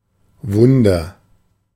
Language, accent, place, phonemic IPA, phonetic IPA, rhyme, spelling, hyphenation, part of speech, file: German, Germany, Berlin, /ˈvʊndəʁ/, [ˈvʊndɐ], -ʊndɐ, Wunder, Wun‧der, noun, De-Wunder.ogg
- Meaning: 1. miracle 2. wonder